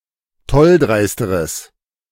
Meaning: strong/mixed nominative/accusative neuter singular comparative degree of tolldreist
- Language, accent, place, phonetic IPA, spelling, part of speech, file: German, Germany, Berlin, [ˈtɔlˌdʁaɪ̯stəʁəs], tolldreisteres, adjective, De-tolldreisteres.ogg